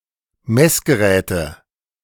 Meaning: nominative/accusative/genitive plural of Messgerät
- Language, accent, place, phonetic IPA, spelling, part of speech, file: German, Germany, Berlin, [ˈmɛsɡəˌʁɛːtə], Messgeräte, noun, De-Messgeräte.ogg